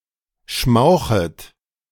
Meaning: second-person plural subjunctive I of schmauchen
- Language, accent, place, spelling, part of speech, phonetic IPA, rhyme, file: German, Germany, Berlin, schmauchet, verb, [ˈʃmaʊ̯xət], -aʊ̯xət, De-schmauchet.ogg